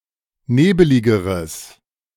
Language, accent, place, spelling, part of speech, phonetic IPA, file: German, Germany, Berlin, nebeligeres, adjective, [ˈneːbəlɪɡəʁəs], De-nebeligeres.ogg
- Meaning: strong/mixed nominative/accusative neuter singular comparative degree of nebelig